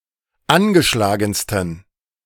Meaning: 1. superlative degree of angeschlagen 2. inflection of angeschlagen: strong genitive masculine/neuter singular superlative degree
- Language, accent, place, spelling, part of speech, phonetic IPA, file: German, Germany, Berlin, angeschlagensten, adjective, [ˈanɡəˌʃlaːɡn̩stən], De-angeschlagensten.ogg